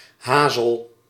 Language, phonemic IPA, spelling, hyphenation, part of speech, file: Dutch, /ˈɦaː.zəl/, hazel, ha‧zel, noun, Nl-hazel.ogg
- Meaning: hazel